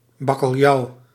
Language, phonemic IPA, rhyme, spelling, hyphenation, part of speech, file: Dutch, /ˌbɑ.kəlˈjɑu̯/, -ɑu̯, bakkeljauw, bak‧kel‧jauw, noun, Nl-bakkeljauw.ogg
- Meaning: salt cod